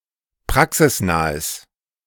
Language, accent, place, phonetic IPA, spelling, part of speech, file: German, Germany, Berlin, [ˈpʁaksɪsˌnaːəs], praxisnahes, adjective, De-praxisnahes.ogg
- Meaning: strong/mixed nominative/accusative neuter singular of praxisnah